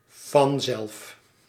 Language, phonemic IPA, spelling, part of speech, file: Dutch, /vɑnzɛlf/, vanzelf, adverb, Nl-vanzelf.ogg
- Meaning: automatically